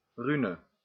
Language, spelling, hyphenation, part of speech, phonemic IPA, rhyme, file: Dutch, rune, ru‧ne, noun, /ˈrynə/, -ynə, Nl-rune.ogg
- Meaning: rune